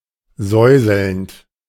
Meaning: present participle of säuseln
- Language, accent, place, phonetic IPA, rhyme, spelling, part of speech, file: German, Germany, Berlin, [ˈzɔɪ̯zl̩nt], -ɔɪ̯zl̩nt, säuselnd, verb, De-säuselnd.ogg